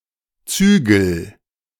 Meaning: inflection of zügeln: 1. first-person singular present 2. singular imperative
- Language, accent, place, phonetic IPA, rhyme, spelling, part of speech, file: German, Germany, Berlin, [ˈt͡syːɡl̩], -yːɡl̩, zügel, verb, De-zügel.ogg